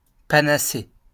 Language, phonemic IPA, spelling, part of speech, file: French, /pa.na.se/, panacée, noun, LL-Q150 (fra)-panacée.wav
- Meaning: panacea, cure-all